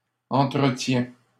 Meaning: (noun) plural of entretien; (verb) first/second-person singular present indicative of entretenir
- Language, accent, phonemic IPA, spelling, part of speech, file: French, Canada, /ɑ̃.tʁə.tjɛ̃/, entretiens, noun / verb, LL-Q150 (fra)-entretiens.wav